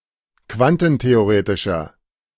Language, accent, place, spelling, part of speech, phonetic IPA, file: German, Germany, Berlin, quantentheoretischer, adjective, [ˈkvantn̩teoˌʁeːtɪʃɐ], De-quantentheoretischer.ogg
- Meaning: inflection of quantentheoretisch: 1. strong/mixed nominative masculine singular 2. strong genitive/dative feminine singular 3. strong genitive plural